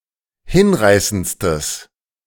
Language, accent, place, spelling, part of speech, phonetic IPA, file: German, Germany, Berlin, hinreißendstes, adjective, [ˈhɪnˌʁaɪ̯sənt͡stəs], De-hinreißendstes.ogg
- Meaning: strong/mixed nominative/accusative neuter singular superlative degree of hinreißend